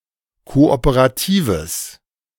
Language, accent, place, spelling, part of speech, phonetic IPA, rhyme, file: German, Germany, Berlin, kooperatives, adjective, [ˌkoʔopəʁaˈtiːvəs], -iːvəs, De-kooperatives.ogg
- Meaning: strong/mixed nominative/accusative neuter singular of kooperativ